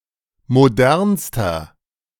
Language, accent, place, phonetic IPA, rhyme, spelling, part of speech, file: German, Germany, Berlin, [moˈdɛʁnstɐ], -ɛʁnstɐ, modernster, adjective, De-modernster.ogg
- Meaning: inflection of modern: 1. strong/mixed nominative masculine singular superlative degree 2. strong genitive/dative feminine singular superlative degree 3. strong genitive plural superlative degree